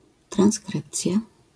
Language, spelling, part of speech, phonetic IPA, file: Polish, transkrypcja, noun, [trãw̃sˈkrɨpt͡sʲja], LL-Q809 (pol)-transkrypcja.wav